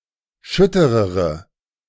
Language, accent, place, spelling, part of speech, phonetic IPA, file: German, Germany, Berlin, schütterere, adjective, [ˈʃʏtəʁəʁə], De-schütterere.ogg
- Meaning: inflection of schütter: 1. strong/mixed nominative/accusative feminine singular comparative degree 2. strong nominative/accusative plural comparative degree